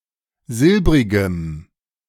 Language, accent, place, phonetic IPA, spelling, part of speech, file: German, Germany, Berlin, [ˈzɪlbʁɪɡəm], silbrigem, adjective, De-silbrigem.ogg
- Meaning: strong dative masculine/neuter singular of silbrig